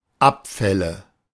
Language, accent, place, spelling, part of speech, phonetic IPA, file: German, Germany, Berlin, Abfälle, noun, [ˈapˌfɛlə], De-Abfälle.ogg
- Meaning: nominative/accusative/genitive plural of Abfall "garbage"